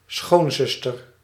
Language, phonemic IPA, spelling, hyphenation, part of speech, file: Dutch, /ˈsxoːnˌzʏs.tər/, schoonzuster, schoon‧zus‧ter, noun, Nl-schoonzuster.ogg
- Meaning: sister-in-law (brother's wife or spouse's sister)